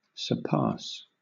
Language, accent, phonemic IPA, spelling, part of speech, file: English, Southern England, /səˈpɑːs/, surpass, verb, LL-Q1860 (eng)-surpass.wav
- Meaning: To go beyond or exceed (something) in an adjudicative or literal sense